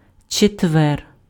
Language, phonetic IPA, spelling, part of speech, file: Ukrainian, [t͡ʃetˈʋɛr], четвер, noun, Uk-четвер.ogg
- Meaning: Thursday